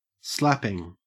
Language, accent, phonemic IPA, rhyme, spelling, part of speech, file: English, Australia, /ˈslæpɪŋ/, -æpɪŋ, slapping, verb / noun / adjective, En-au-slapping.ogg
- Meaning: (verb) present participle and gerund of slap; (noun) 1. The act of giving a slap or slaps 2. The slap bass technique; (adjective) Very large; whopping